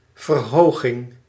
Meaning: 1. increase, the act of raising 2. elevation, an eminence (raised portion of land) 3. elevated body temperature, mild fever, febrile hyperthermia
- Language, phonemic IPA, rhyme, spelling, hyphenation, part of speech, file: Dutch, /vərˈɦoːɣɪŋ/, -oːɣɪŋ, verhoging, ver‧ho‧ging, noun, Nl-verhoging.ogg